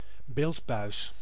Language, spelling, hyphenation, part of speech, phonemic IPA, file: Dutch, beeldbuis, beeld‧buis, noun, /ˈbeːlt.bœy̯s/, Nl-beeldbuis.ogg
- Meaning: 1. cathode ray tube; picture tube 2. a television